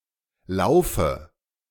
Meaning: dative singular of Lauf
- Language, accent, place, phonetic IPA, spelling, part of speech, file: German, Germany, Berlin, [laʊ̯fə], Laufe, noun, De-Laufe.ogg